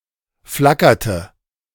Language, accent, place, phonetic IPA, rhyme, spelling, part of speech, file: German, Germany, Berlin, [ˈflakɐtə], -akɐtə, flackerte, verb, De-flackerte.ogg
- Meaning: inflection of flackern: 1. first/third-person singular preterite 2. first/third-person singular subjunctive II